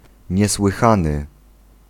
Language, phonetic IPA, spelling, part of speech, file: Polish, [ˌɲɛswɨˈxãnɨ], niesłychany, adjective, Pl-niesłychany.ogg